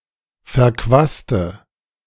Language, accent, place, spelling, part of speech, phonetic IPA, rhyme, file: German, Germany, Berlin, verquaste, adjective / verb, [fɛɐ̯ˈkvaːstə], -aːstə, De-verquaste.ogg
- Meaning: inflection of verquast: 1. strong/mixed nominative/accusative feminine singular 2. strong nominative/accusative plural 3. weak nominative all-gender singular